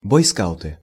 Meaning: nominative plural of бойска́ут (bojskáut)
- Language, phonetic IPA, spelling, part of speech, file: Russian, [ˌbojˈskaʊtɨ], бойскауты, noun, Ru-бойскауты.ogg